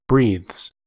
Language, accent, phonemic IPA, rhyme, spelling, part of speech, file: English, US, /bɹiːðz/, -iːðz, breathes, verb, En-us-breathes.ogg
- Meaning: third-person singular simple present indicative of breathe